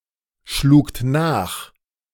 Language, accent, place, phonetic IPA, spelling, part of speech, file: German, Germany, Berlin, [ˌʃluːkt ˈnaːx], schlugt nach, verb, De-schlugt nach.ogg
- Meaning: second-person plural preterite of nachschlagen